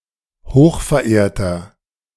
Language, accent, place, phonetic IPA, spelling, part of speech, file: German, Germany, Berlin, [ˈhoːxfɛɐ̯ˌʔeːɐ̯tɐ], hochverehrter, adjective, De-hochverehrter.ogg
- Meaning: inflection of hochverehrt: 1. strong/mixed nominative masculine singular 2. strong genitive/dative feminine singular 3. strong genitive plural